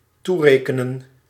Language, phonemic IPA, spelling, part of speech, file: Dutch, /ˈtureːkənə(n)/, toerekenen, verb, Nl-toerekenen.ogg
- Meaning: 1. to impute, hold accountable 2. to ascribe